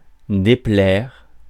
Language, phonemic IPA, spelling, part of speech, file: French, /de.plɛʁ/, déplaire, verb, Fr-déplaire.ogg
- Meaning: 1. to be displeasing or disliked 2. to be ill at ease